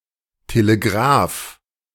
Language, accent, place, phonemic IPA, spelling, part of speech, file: German, Germany, Berlin, /teleˈɡʁaːf/, Telegraph, noun, De-Telegraph.ogg
- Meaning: telegraph